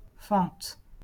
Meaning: 1. cleft, fissure, crack (in rock) 2. split, crack (in wood) 3. slit, slot 4. slit (in skirt), vent (in jacket etc.) 5. fissure 6. lunge 7. crack, slit (vulva)
- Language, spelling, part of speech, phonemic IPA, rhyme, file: French, fente, noun, /fɑ̃t/, -ɑ̃t, LL-Q150 (fra)-fente.wav